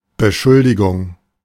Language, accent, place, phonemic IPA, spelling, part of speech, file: German, Germany, Berlin, /bəˈʃʊldɪɡʊŋ/, Beschuldigung, noun, De-Beschuldigung.ogg
- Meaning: accusation, allegation, charge